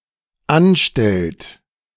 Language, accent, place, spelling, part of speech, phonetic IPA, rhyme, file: German, Germany, Berlin, anstellt, verb, [ˈanˌʃtɛlt], -anʃtɛlt, De-anstellt.ogg
- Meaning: inflection of anstellen: 1. third-person singular dependent present 2. second-person plural dependent present